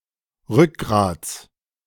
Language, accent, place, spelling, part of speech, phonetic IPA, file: German, Germany, Berlin, Rückgrats, noun, [ˈʁʏkˌɡʁaːt͡s], De-Rückgrats.ogg
- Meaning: genitive singular of Rückgrat